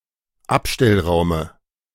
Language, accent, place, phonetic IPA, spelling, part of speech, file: German, Germany, Berlin, [ˈapʃtɛlˌʁaʊ̯mə], Abstellraume, noun, De-Abstellraume.ogg
- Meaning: dative of Abstellraum